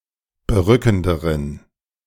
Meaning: inflection of berückend: 1. strong genitive masculine/neuter singular comparative degree 2. weak/mixed genitive/dative all-gender singular comparative degree
- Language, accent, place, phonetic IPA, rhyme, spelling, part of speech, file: German, Germany, Berlin, [bəˈʁʏkn̩dəʁən], -ʏkn̩dəʁən, berückenderen, adjective, De-berückenderen.ogg